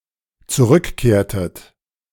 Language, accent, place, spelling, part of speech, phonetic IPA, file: German, Germany, Berlin, zurückkehrtet, verb, [t͡suˈʁʏkˌkeːɐ̯tət], De-zurückkehrtet.ogg
- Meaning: inflection of zurückkehren: 1. second-person plural dependent preterite 2. second-person plural dependent subjunctive II